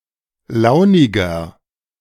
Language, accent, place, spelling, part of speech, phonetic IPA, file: German, Germany, Berlin, launiger, adjective, [ˈlaʊ̯nɪɡɐ], De-launiger.ogg
- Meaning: 1. comparative degree of launig 2. inflection of launig: strong/mixed nominative masculine singular 3. inflection of launig: strong genitive/dative feminine singular